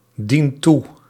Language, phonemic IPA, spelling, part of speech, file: Dutch, /ˈdint ˈtu/, dient toe, verb, Nl-dient toe.ogg
- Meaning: inflection of toedienen: 1. second/third-person singular present indicative 2. plural imperative